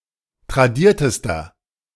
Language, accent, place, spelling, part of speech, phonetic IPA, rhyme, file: German, Germany, Berlin, tradiertester, adjective, [tʁaˈdiːɐ̯təstɐ], -iːɐ̯təstɐ, De-tradiertester.ogg
- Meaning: inflection of tradiert: 1. strong/mixed nominative masculine singular superlative degree 2. strong genitive/dative feminine singular superlative degree 3. strong genitive plural superlative degree